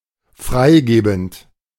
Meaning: present participle of freigeben
- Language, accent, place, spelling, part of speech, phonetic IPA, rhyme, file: German, Germany, Berlin, freigebend, verb, [ˈfʁaɪ̯ˌɡeːbn̩t], -aɪ̯ɡeːbn̩t, De-freigebend.ogg